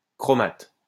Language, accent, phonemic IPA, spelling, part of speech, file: French, France, /kʁɔ.mat/, chromate, noun, LL-Q150 (fra)-chromate.wav
- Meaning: chromate